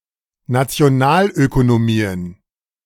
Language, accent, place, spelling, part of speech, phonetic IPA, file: German, Germany, Berlin, Nationalökonomien, noun, [nat͡si̯oˈnaːlʔøkonoˌmiːən], De-Nationalökonomien.ogg
- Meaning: plural of Nationalökonomie